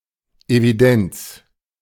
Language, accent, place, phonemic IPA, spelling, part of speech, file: German, Germany, Berlin, /eviˈdɛnt͡s/, Evidenz, noun, De-Evidenz.ogg
- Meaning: 1. unambiguity, unambiguousness, clarity 2. evidence (Facts or observations presented in support of an assertion.) 3. a register, a record (for unfinished or reopened files and documents)